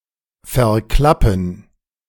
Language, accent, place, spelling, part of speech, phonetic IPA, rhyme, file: German, Germany, Berlin, verklappen, verb, [fɛɐ̯ˈklapn̩], -apn̩, De-verklappen.ogg
- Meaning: to dump waste into a body of water